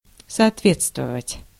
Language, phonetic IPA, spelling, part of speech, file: Russian, [sɐɐtˈvʲet͡stvəvətʲ], соответствовать, verb, Ru-соответствовать.ogg
- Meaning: to correspond, to conform, to agree, to comply, to be in line